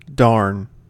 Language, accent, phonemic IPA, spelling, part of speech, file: English, US, /dɑɹn/, darn, adjective / adverb / interjection / verb / noun, En-us-darn.ogg
- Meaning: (adjective) Damn; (adverb) Damned; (verb) To repair by stitching with thread or yarn, particularly by using a needle to construct a weave across a damaged area of fabric